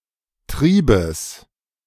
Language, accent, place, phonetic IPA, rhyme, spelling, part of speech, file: German, Germany, Berlin, [ˈtʁiːbəs], -iːbəs, Triebes, noun, De-Triebes.ogg
- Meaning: genitive singular of Trieb